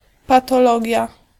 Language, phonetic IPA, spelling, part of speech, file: Polish, [ˌpatɔˈlɔɟja], patologia, noun, Pl-patologia.ogg